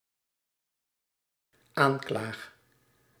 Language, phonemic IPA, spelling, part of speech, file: Dutch, /ˈaɲklax/, aanklaag, verb, Nl-aanklaag.ogg
- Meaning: first-person singular dependent-clause present indicative of aanklagen